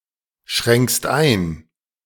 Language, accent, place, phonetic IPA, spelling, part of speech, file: German, Germany, Berlin, [ˌʃʁɛŋkst ˈaɪ̯n], schränkst ein, verb, De-schränkst ein.ogg
- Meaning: second-person singular present of einschränken